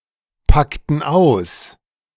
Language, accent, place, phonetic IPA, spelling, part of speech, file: German, Germany, Berlin, [ˌpaktn̩ ˈaʊ̯s], packten aus, verb, De-packten aus.ogg
- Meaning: inflection of auspacken: 1. first/third-person plural preterite 2. first/third-person plural subjunctive II